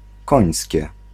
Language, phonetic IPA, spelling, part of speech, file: Polish, [ˈkɔ̃j̃sʲcɛ], Końskie, proper noun, Pl-Końskie.ogg